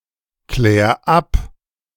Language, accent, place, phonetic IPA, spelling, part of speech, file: German, Germany, Berlin, [ˌklɛːɐ̯ ˈap], klär ab, verb, De-klär ab.ogg
- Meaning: 1. singular imperative of abklären 2. first-person singular present of abklären